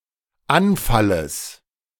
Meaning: genitive singular of Anfall
- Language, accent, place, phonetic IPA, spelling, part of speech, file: German, Germany, Berlin, [ˈanˌfaləs], Anfalles, noun, De-Anfalles.ogg